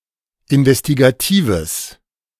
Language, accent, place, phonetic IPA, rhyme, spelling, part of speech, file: German, Germany, Berlin, [ɪnvɛstiɡaˈtiːvəs], -iːvəs, investigatives, adjective, De-investigatives.ogg
- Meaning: strong/mixed nominative/accusative neuter singular of investigativ